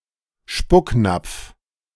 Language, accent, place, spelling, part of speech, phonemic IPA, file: German, Germany, Berlin, Spucknapf, noun, /ˈʃpʊkˌnap͡f/, De-Spucknapf.ogg
- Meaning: spittoon